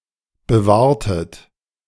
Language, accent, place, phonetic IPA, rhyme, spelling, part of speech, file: German, Germany, Berlin, [bəˈvaːɐ̯tət], -aːɐ̯tət, bewahrtet, verb, De-bewahrtet.ogg
- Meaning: inflection of bewahren: 1. second-person plural preterite 2. second-person plural subjunctive II